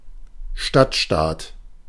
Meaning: 1. city state 2. a federal state that comprises only municipal territory, i.e. any of Berlin, Hamburg, and Bremen
- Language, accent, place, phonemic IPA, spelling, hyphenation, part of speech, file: German, Germany, Berlin, /ˈʃtatˌʃtaːt/, Stadtstaat, Stadt‧staat, noun, De-Stadtstaat.ogg